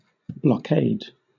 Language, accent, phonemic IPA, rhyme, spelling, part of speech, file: English, Southern England, /blɒˈkeɪd/, -eɪd, blockade, noun / verb, LL-Q1860 (eng)-blockade.wav
- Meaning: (noun) The physical blocking or surrounding of a place, especially a port, in order to prevent commerce and traffic in or out